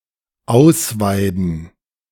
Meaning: to gut, to disembowel, to eviscerate
- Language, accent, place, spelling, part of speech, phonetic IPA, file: German, Germany, Berlin, ausweiden, verb, [ˈaʊ̯sˌvaɪ̯dn̩], De-ausweiden.ogg